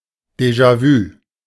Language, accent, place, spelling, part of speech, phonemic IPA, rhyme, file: German, Germany, Berlin, Déjà-vu, noun, /ˌdeʒa ˈvyː/, -yː, De-Déjà-vu.ogg
- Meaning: déjà vu